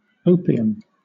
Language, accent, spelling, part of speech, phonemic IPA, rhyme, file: English, Southern England, opium, noun, /ˈəʊ.pi.əm/, -əʊpiəm, LL-Q1860 (eng)-opium.wav
- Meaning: A yellow-brown, addictive narcotic drug obtained from the dried juice of unripe pods of the opium poppy, Papaver somniferum, and containing alkaloids such as morphine, codeine, and papaverine